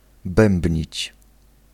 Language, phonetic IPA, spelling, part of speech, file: Polish, [ˈbɛ̃mbʲɲit͡ɕ], bębnić, verb, Pl-bębnić.ogg